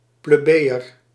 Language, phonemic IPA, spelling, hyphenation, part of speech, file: Dutch, /ˌpleːˈbeː.ər/, plebejer, ple‧be‧jer, noun, Nl-plebejer.ogg
- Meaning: a plebeian; a member of the lower social class